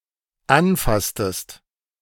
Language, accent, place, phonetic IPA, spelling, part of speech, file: German, Germany, Berlin, [ˈanˌfastəst], anfasstest, verb, De-anfasstest.ogg
- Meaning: inflection of anfassen: 1. second-person singular dependent preterite 2. second-person singular dependent subjunctive II